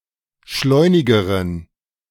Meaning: inflection of schleunig: 1. strong genitive masculine/neuter singular comparative degree 2. weak/mixed genitive/dative all-gender singular comparative degree
- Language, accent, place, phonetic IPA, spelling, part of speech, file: German, Germany, Berlin, [ˈʃlɔɪ̯nɪɡəʁən], schleunigeren, adjective, De-schleunigeren.ogg